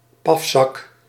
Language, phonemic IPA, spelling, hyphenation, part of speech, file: Dutch, /ˈpɑf.sɑk/, pafzak, paf‧zak, noun, Nl-pafzak.ogg
- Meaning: chunker, tubbo (slur for an obese person)